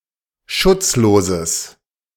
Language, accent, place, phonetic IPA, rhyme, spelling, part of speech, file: German, Germany, Berlin, [ˈʃʊt͡sˌloːzəs], -ʊt͡sloːzəs, schutzloses, adjective, De-schutzloses.ogg
- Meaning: strong/mixed nominative/accusative neuter singular of schutzlos